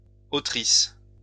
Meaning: plural of autrice
- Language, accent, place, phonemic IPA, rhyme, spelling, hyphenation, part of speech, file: French, France, Lyon, /o.tʁis/, -is, autrices, au‧tri‧ces, noun, LL-Q150 (fra)-autrices.wav